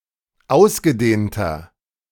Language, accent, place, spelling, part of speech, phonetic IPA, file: German, Germany, Berlin, ausgedehnter, adjective, [ˈaʊ̯sɡəˌdeːntɐ], De-ausgedehnter.ogg
- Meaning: inflection of ausgedehnt: 1. strong/mixed nominative masculine singular 2. strong genitive/dative feminine singular 3. strong genitive plural